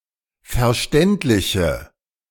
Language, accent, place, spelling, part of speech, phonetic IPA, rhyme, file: German, Germany, Berlin, verständliche, adjective, [fɛɐ̯ˈʃtɛntlɪçə], -ɛntlɪçə, De-verständliche.ogg
- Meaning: inflection of verständlich: 1. strong/mixed nominative/accusative feminine singular 2. strong nominative/accusative plural 3. weak nominative all-gender singular